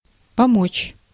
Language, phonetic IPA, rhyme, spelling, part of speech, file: Russian, [pɐˈmot͡ɕ], -ot͡ɕ, помочь, verb, Ru-помочь.ogg
- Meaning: 1. to help 2. to aid, to assist materially 3. to avail, to work (to have the desired effect)